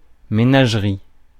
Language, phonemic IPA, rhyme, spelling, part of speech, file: French, /me.naʒ.ʁi/, -i, ménagerie, noun, Fr-ménagerie.ogg
- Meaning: menagerie (a collection of live wild animals on exhibition; the enclosure where they are kept)